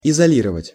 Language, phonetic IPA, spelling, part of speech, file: Russian, [ɪzɐˈlʲirəvətʲ], изолировать, verb, Ru-изолировать.ogg
- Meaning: 1. to isolate (from), to quarantine 2. to insulate